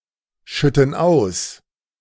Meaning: inflection of ausschütten: 1. first/third-person plural present 2. first/third-person plural subjunctive I
- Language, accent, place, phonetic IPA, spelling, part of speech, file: German, Germany, Berlin, [ˌʃʏtn̩ ˈaʊ̯s], schütten aus, verb, De-schütten aus.ogg